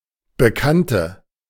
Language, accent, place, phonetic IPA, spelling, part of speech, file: German, Germany, Berlin, [bəˈkantə], Bekannte, noun, De-Bekannte.ogg
- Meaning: 1. female equivalent of Bekannter: female acquaintance, female friend 2. inflection of Bekannter: strong nominative/accusative plural 3. inflection of Bekannter: weak nominative singular